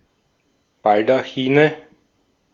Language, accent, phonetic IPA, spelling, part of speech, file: German, Austria, [ˈbaldaxiːnə], Baldachine, noun, De-at-Baldachine.ogg
- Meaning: nominative/accusative/genitive plural of Baldachin